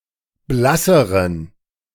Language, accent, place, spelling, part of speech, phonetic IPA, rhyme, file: German, Germany, Berlin, blasseren, adjective, [ˈblasəʁən], -asəʁən, De-blasseren.ogg
- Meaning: inflection of blass: 1. strong genitive masculine/neuter singular comparative degree 2. weak/mixed genitive/dative all-gender singular comparative degree